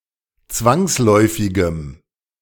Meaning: strong dative masculine/neuter singular of zwangsläufig
- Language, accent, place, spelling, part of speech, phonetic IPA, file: German, Germany, Berlin, zwangsläufigem, adjective, [ˈt͡svaŋsˌlɔɪ̯fɪɡəm], De-zwangsläufigem.ogg